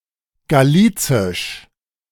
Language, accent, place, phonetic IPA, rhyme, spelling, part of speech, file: German, Germany, Berlin, [ɡaˈliːt͡sɪʃ], -iːt͡sɪʃ, galizisch, adjective, De-galizisch.ogg
- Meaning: Galician (of Galicia in Iberia)